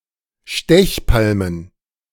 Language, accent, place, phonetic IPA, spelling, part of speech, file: German, Germany, Berlin, [ˈʃtɛçˌpalmən], Stechpalmen, noun, De-Stechpalmen.ogg
- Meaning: plural of Stechpalme